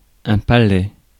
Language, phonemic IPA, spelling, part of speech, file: French, /pa.lɛ/, palais, noun, Fr-palais.ogg
- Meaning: 1. palace 2. courthouse (palais de justice) 3. palate; upper surface inside the mouth